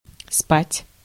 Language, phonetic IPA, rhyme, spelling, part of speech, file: Russian, [spatʲ], -atʲ, спать, verb, Ru-спать.ogg
- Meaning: 1. to sleep 2. to have sex, to sleep with